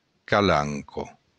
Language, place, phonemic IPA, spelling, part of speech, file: Occitan, Béarn, /kaˈlaŋ.kɒ/, calanca, noun, LL-Q14185 (oci)-calanca.wav
- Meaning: cove, bay